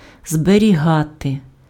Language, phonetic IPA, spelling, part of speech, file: Ukrainian, [zberʲiˈɦate], зберігати, verb, Uk-зберігати.ogg
- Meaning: 1. to keep, to preserve, to conserve, to maintain (protect against deterioration or depletion) 2. to save, to store, to retain, to reserve (not expend or waste)